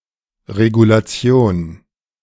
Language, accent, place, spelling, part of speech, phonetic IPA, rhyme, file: German, Germany, Berlin, Regulation, noun, [ʁeɡulaˈt͡si̯oːn], -oːn, De-Regulation.ogg
- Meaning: regulation